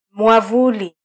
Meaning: 1. umbrella (cloth-covered frame used for protection against rain or sun) 2. umbrella (anything that provides protection) 3. auspices
- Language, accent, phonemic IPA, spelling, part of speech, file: Swahili, Kenya, /mʷɑˈvu.li/, mwavuli, noun, Sw-ke-mwavuli.flac